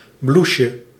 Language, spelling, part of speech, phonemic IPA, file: Dutch, blouseje, noun, /ˈbluʃə/, Nl-blouseje.ogg
- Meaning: diminutive of blouse